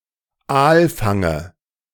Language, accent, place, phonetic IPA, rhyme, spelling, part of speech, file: German, Germany, Berlin, [ˈaːlˌfaŋə], -aːlfaŋə, Aalfange, noun, De-Aalfange.ogg
- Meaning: dative singular of Aalfang